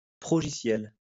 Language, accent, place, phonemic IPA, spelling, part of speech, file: French, France, Lyon, /pʁɔ.ʒi.sjɛl/, progiciel, noun, LL-Q150 (fra)-progiciel.wav
- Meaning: software package